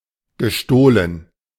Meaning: past participle of stehlen
- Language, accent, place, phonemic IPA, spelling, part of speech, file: German, Germany, Berlin, /ɡəˈʃtoːlən/, gestohlen, verb, De-gestohlen.ogg